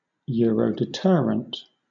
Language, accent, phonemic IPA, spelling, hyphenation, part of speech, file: English, Southern England, /ˌjʊəɹəʊdɪˈtɛɹənt/, Eurodeterrent, Eu‧ro‧de‧ter‧rent, proper noun, LL-Q1860 (eng)-Eurodeterrent.wav
- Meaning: The proposed unified nuclear deterrent of the European Community (before November 1993) and the European Union (after November 1993)